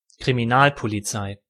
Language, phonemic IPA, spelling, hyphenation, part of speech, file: German, /kʁimiˈnaːlpoliˌt͡saɪ̯/, Kriminalpolizei, Kri‧mi‧nal‧po‧li‧zei, noun, De-Kriminalpolizei.ogg
- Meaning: 1. The branch or department of a police force that investigates crime 2. A specific unit of that branch